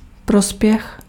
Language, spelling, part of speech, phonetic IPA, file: Czech, prospěch, noun, [ˈprospjɛx], Cs-prospěch.ogg
- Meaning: 1. profit, benefit 2. school results, grades